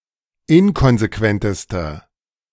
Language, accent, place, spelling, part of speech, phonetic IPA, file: German, Germany, Berlin, inkonsequentester, adjective, [ˈɪnkɔnzeˌkvɛntəstɐ], De-inkonsequentester.ogg
- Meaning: inflection of inkonsequent: 1. strong/mixed nominative masculine singular superlative degree 2. strong genitive/dative feminine singular superlative degree 3. strong genitive plural superlative degree